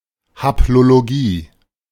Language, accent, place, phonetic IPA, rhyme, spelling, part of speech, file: German, Germany, Berlin, [haploloˈɡiː], -iː, Haplologie, noun, De-Haplologie.ogg
- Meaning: haplology